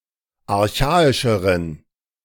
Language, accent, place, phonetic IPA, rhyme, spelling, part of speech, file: German, Germany, Berlin, [aʁˈçaːɪʃəʁən], -aːɪʃəʁən, archaischeren, adjective, De-archaischeren.ogg
- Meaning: inflection of archaisch: 1. strong genitive masculine/neuter singular comparative degree 2. weak/mixed genitive/dative all-gender singular comparative degree